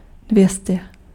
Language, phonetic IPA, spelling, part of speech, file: Czech, [ˈdvjɛscɛ], dvě stě, numeral, Cs-dvě stě.ogg
- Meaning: two hundred